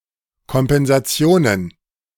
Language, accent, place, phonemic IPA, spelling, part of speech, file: German, Germany, Berlin, /kɔmpɛnzaˈtsi̯oːnən/, Kompensationen, noun, De-Kompensationen.ogg
- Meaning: plural of Kompensation